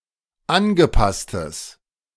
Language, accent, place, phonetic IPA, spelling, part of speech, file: German, Germany, Berlin, [ˈanɡəˌpastəs], angepasstes, adjective, De-angepasstes.ogg
- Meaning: strong/mixed nominative/accusative neuter singular of angepasst